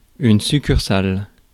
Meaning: 1. chapel of ease 2. branch (of a company, etc.)
- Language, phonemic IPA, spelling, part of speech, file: French, /sy.kyʁ.sal/, succursale, noun, Fr-succursale.ogg